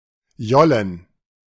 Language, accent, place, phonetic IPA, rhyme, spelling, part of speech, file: German, Germany, Berlin, [ˈjɔlən], -ɔlən, Jollen, noun, De-Jollen.ogg
- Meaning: plural of Jolle